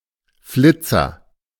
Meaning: 1. sports car 2. streaker (person who runs naked through a place)
- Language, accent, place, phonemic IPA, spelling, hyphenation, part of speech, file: German, Germany, Berlin, /ˈflɪtsɐ/, Flitzer, Flit‧zer, noun, De-Flitzer.ogg